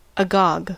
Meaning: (adjective) 1. In a state of eager desire; full of anticipation; highly excited with curiosity 2. Wide open, agape; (adverb) In an astonished or excited manner
- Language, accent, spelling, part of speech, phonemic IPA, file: English, US, agog, adjective / adverb, /əˈɡɑɡ/, En-us-agog.ogg